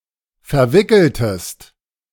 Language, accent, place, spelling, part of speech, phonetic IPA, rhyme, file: German, Germany, Berlin, verwickeltest, verb, [fɛɐ̯ˈvɪkl̩təst], -ɪkl̩təst, De-verwickeltest.ogg
- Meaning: inflection of verwickeln: 1. second-person singular preterite 2. second-person singular subjunctive II